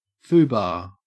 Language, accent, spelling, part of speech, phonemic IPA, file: English, Australia, foobar, noun, /ˈfuːˌbɑː(ɹ)/, En-au-foobar.ogg
- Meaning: 1. A serious mistake 2. A metasyntactic variable name, a place holder for words; compare foo, bar